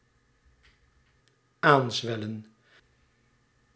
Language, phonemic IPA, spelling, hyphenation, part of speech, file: Dutch, /ˈaːnzʋɛlə(n)/, aanzwellen, aan‧zwel‧len, verb, Nl-aanzwellen.ogg
- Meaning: 1. to swell 2. to swell up, surge